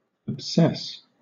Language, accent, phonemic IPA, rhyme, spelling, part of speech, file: English, Southern England, /əbˈsɛs/, -ɛs, obsess, verb, LL-Q1860 (eng)-obsess.wav
- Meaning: 1. To be preoccupied with a single topic or emotion 2. To dominate the thoughts of someone 3. To think or talk obsessively about